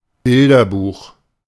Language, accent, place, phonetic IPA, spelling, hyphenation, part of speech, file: German, Germany, Berlin, [ˈbɪldɐˌbuːχ], Bilderbuch, Bil‧der‧buch, noun, De-Bilderbuch.ogg
- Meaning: picture book